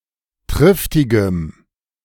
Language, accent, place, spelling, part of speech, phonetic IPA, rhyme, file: German, Germany, Berlin, triftigem, adjective, [ˈtʁɪftɪɡəm], -ɪftɪɡəm, De-triftigem.ogg
- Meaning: strong dative masculine/neuter singular of triftig